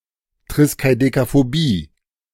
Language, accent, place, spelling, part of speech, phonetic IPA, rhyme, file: German, Germany, Berlin, Triskaidekaphobie, noun, [ˌtʁɪskaɪ̯dekafoˈbiː], -iː, De-Triskaidekaphobie.ogg
- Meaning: triskaidekaphobia (fear of the number 13)